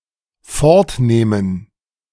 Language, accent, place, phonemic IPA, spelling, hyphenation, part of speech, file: German, Germany, Berlin, /ˈfɔʁtˌneːmən/, fortnehmen, fort‧neh‧men, verb, De-fortnehmen.ogg
- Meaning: to take away